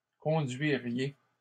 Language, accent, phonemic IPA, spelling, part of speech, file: French, Canada, /kɔ̃.dɥi.ʁje/, conduiriez, verb, LL-Q150 (fra)-conduiriez.wav
- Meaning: second-person plural conditional of conduire